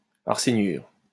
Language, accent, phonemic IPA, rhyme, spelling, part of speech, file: French, France, /aʁ.se.njyʁ/, -yʁ, arséniure, noun, LL-Q150 (fra)-arséniure.wav
- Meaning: arsenide